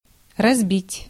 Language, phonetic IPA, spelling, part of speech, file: Russian, [rɐzˈbʲitʲ], разбить, verb, Ru-разбить.ogg
- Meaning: 1. to break, to crash, to crush, to smash, to shatter 2. to defeat, to beat, to smash 3. to divide, to break down 4. to lay out (park), to mark out 5. to pitch (a tent), to set up (a tent or a camp)